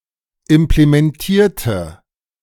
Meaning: inflection of implementieren: 1. first/third-person singular preterite 2. first/third-person singular subjunctive II
- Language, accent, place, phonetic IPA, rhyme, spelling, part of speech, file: German, Germany, Berlin, [ɪmplemɛnˈtiːɐ̯tə], -iːɐ̯tə, implementierte, adjective / verb, De-implementierte.ogg